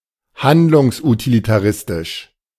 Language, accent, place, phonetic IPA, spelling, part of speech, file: German, Germany, Berlin, [ˈhandlʊŋsʔutilitaˌʁɪstɪʃ], handlungsutilitaristisch, adjective, De-handlungsutilitaristisch.ogg
- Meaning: utilitarian